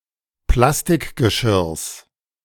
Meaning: genitive singular of Plastikgeschirr
- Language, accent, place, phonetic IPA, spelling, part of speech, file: German, Germany, Berlin, [ˈplastɪkɡəˌʃɪʁs], Plastikgeschirrs, noun, De-Plastikgeschirrs.ogg